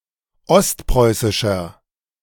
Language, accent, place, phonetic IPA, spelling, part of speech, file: German, Germany, Berlin, [ˈɔstˌpʁɔɪ̯sɪʃɐ], ostpreußischer, adjective, De-ostpreußischer.ogg
- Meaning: inflection of ostpreußisch: 1. strong/mixed nominative masculine singular 2. strong genitive/dative feminine singular 3. strong genitive plural